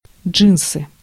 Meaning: jeans
- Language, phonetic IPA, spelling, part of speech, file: Russian, [ˈd͡ʐʐɨnsɨ], джинсы, noun, Ru-джинсы.ogg